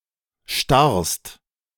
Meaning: second-person singular present of starren
- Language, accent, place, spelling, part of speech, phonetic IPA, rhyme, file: German, Germany, Berlin, starrst, verb, [ʃtaʁst], -aʁst, De-starrst.ogg